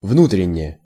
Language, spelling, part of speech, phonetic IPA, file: Russian, внутренне, adverb, [ˈvnutrʲɪnʲ(ː)e], Ru-внутренне.ogg
- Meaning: 1. internally, intrinsically 2. inwardly 3. domestically (as opposed to foreign)